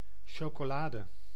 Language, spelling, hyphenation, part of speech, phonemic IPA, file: Dutch, chocolade, cho‧co‧la‧de, noun, /ˌʃoː.koːˈlaː.də/, Nl-chocolade.ogg
- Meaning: chocolate